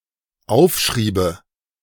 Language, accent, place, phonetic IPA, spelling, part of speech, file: German, Germany, Berlin, [ˈaʊ̯fˌʃʁiːbə], aufschriebe, verb, De-aufschriebe.ogg
- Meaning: first/third-person singular dependent subjunctive II of aufschreiben